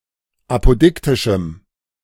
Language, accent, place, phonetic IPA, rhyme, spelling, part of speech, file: German, Germany, Berlin, [ˌapoˈdɪktɪʃm̩], -ɪktɪʃm̩, apodiktischem, adjective, De-apodiktischem.ogg
- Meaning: strong dative masculine/neuter singular of apodiktisch